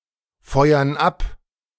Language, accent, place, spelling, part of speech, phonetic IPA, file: German, Germany, Berlin, feuern ab, verb, [ˌfɔɪ̯ɐn ˈap], De-feuern ab.ogg
- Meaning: inflection of abfeuern: 1. first/third-person plural present 2. first/third-person plural subjunctive I